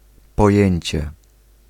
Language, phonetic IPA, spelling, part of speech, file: Polish, [pɔˈjɛ̇̃ɲt͡ɕɛ], pojęcie, noun, Pl-pojęcie.ogg